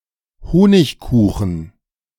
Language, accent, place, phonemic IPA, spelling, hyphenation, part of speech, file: German, Germany, Berlin, /ˈhoːnɪçˌkuːxən/, Honigkuchen, Ho‧nig‧ku‧chen, noun, De-Honigkuchen.ogg
- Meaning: gingerbread (esp. sweetened with honey)